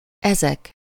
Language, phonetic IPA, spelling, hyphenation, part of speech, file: Hungarian, [ˈɛzɛk], ezek, ezek, pronoun / determiner, Hu-ezek.ogg
- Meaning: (pronoun) nominative plural of ez: these